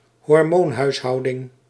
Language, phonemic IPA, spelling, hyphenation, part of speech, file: Dutch, /ɦɔrˈmoːn.ɦœy̯ˌɦɑu̯.dɪŋ/, hormoonhuishouding, hor‧moon‧huis‧hou‧ding, noun, Nl-hormoonhuishouding.ogg
- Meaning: hormonal system, system of developing or maintaining hormone levels